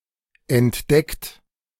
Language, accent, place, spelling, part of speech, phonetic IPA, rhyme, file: German, Germany, Berlin, entdeckt, verb, [ɛntˈdɛkt], -ɛkt, De-entdeckt.ogg
- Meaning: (verb) past participle of entdecken; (adjective) discovered, detected; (verb) inflection of entdecken: 1. third-person singular present 2. second-person plural present 3. plural imperative